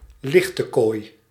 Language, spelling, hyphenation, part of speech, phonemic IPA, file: Dutch, lichtekooi, lich‧te‧kooi, noun, /ˈlɪx.təˌkoːi̯/, Nl-lichtekooi.ogg
- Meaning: 1. prostitute, whore (woman who has paid sex) 2. slut, whore